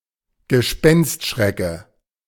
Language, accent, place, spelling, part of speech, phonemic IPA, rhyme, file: German, Germany, Berlin, Gespenstschrecke, noun, /ɡəˈʃpɛnstˌʃʁɛkə/, -ɛkə, De-Gespenstschrecke.ogg
- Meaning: stick insect